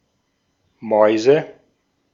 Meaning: 1. nominative/accusative/genitive plural of Maus (“mouse”) 2. money
- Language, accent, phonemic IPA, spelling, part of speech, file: German, Austria, /ˈmɔi̯zə/, Mäuse, noun, De-at-Mäuse.ogg